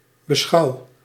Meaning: inflection of beschouwen: 1. first-person singular present indicative 2. second-person singular present indicative 3. imperative
- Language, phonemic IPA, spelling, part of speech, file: Dutch, /bə.ˈsxɑu̯/, beschouw, verb, Nl-beschouw.ogg